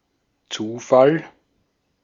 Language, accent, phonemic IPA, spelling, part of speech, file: German, Austria, /ˈt͡suːˌfal/, Zufall, noun, De-at-Zufall.ogg
- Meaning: 1. chance, coincidence, randomness 2. synonym of Anfall (“fit; seizure”)